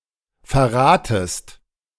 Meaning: second-person singular subjunctive I of verraten
- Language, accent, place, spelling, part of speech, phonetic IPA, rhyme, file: German, Germany, Berlin, verratest, verb, [fɛɐ̯ˈʁaːtəst], -aːtəst, De-verratest.ogg